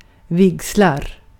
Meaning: a wedding (the wedding ceremony – compare bröllop)
- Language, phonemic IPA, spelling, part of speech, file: Swedish, /¹vɪksel/, vigsel, noun, Sv-vigsel.ogg